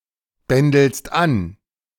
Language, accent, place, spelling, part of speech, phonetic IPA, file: German, Germany, Berlin, bändelst an, verb, [ˌbɛndl̩st ˈan], De-bändelst an.ogg
- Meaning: second-person singular present of anbändeln